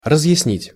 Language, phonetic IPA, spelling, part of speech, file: Russian, [rəzjɪsˈnʲitʲ], разъяснить, verb, Ru-разъяснить.ogg
- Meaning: to explain, to interpret